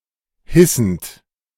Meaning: present participle of hissen
- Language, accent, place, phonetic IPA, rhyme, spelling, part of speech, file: German, Germany, Berlin, [ˈhɪsn̩t], -ɪsn̩t, hissend, verb, De-hissend.ogg